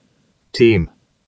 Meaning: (verb) 1. To be stocked to overflowing 2. To be prolific; to abound; to be rife 3. To fall prolifically
- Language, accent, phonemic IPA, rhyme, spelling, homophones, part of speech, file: English, UK, /tiːm/, -iːm, teem, team, verb / noun, En-uk-teem.ogg